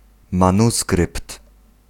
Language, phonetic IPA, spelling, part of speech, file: Polish, [mãˈnuskrɨpt], manuskrypt, noun, Pl-manuskrypt.ogg